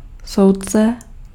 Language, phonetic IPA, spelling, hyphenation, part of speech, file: Czech, [ˈsou̯t͡sɛ], soudce, soud‧ce, noun, Cs-soudce.ogg
- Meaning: judge (public judicial official)